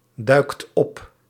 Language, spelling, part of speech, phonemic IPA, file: Dutch, duikt op, verb, /ˈdœykt ˈɔp/, Nl-duikt op.ogg
- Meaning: inflection of opduiken: 1. second/third-person singular present indicative 2. plural imperative